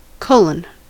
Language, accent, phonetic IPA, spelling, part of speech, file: English, US, [ˈkʰɔ.ɫn̩], colon, noun, En-us-colon.ogg
- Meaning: 1. The punctuation mark ⟨:⟩ 2. The triangular colon (especially in context of not being able to type the actual triangular colon)